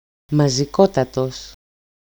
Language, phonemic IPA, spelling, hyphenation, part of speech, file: Greek, /ma.ziˈko.ta.tos/, μαζικότατος, μα‧ζι‧κό‧τα‧τος, adjective, EL-μαζικότατος.ogg
- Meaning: absolute superlative degree of μαζικός (mazikós)